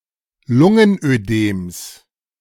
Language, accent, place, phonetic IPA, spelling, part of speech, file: German, Germany, Berlin, [ˈlʊŋənʔøˌdeːms], Lungenödems, noun, De-Lungenödems.ogg
- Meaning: genitive singular of Lungenödem